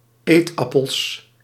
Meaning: plural of eetappel
- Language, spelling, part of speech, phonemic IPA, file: Dutch, eetappels, noun, /ˈetɑpəls/, Nl-eetappels.ogg